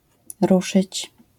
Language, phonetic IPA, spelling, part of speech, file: Polish, [ˈruʃɨt͡ɕ], ruszyć, verb, LL-Q809 (pol)-ruszyć.wav